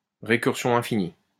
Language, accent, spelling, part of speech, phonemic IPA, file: French, France, récursion infinie, noun, /ʁe.kyʁ.sjɔ̃ ɛ̃.fi.ni/, LL-Q150 (fra)-récursion infinie.wav
- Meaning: infinite recursion